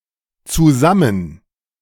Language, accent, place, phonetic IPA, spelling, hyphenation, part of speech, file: German, Germany, Berlin, [tsuˈzamm̩], zusammen, zu‧sam‧men, adverb / adjective, De-zusammen.ogg
- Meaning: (adverb) together, jointly; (adjective) 1. together, in the same place 2. in a romantic relationship with each other